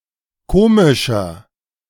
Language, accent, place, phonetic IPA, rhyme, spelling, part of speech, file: German, Germany, Berlin, [ˈkoːmɪʃɐ], -oːmɪʃɐ, komischer, adjective, De-komischer.ogg
- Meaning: 1. comparative degree of komisch 2. inflection of komisch: strong/mixed nominative masculine singular 3. inflection of komisch: strong genitive/dative feminine singular